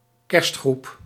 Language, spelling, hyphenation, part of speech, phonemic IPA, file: Dutch, kerstgroep, kerst‧groep, noun, /ˈkɛrst.xrup/, Nl-kerstgroep.ogg
- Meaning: a set of figurines for a Nativity scene; (by extension) a Nativity scene